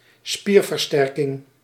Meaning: 1. anything that strengthens the muscle; muscle strengthening 2. an exercise that strengthens the muscle; strength training
- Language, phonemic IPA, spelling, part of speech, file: Dutch, /ˈspir.vərˌstɛr.kɪŋ/, spierversterking, noun, Nl-spierversterking.ogg